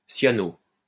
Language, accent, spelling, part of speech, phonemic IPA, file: French, France, cyano-, prefix, /sja.no/, LL-Q150 (fra)-cyano-.wav
- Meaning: cyano-